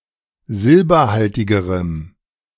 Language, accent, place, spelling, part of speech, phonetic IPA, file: German, Germany, Berlin, silberhaltigerem, adjective, [ˈzɪlbɐˌhaltɪɡəʁəm], De-silberhaltigerem.ogg
- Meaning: strong dative masculine/neuter singular comparative degree of silberhaltig